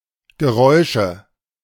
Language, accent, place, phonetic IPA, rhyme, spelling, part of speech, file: German, Germany, Berlin, [ɡəˈʁɔɪ̯ʃə], -ɔɪ̯ʃə, Geräusche, noun, De-Geräusche.ogg
- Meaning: nominative/accusative/genitive plural of Geräusch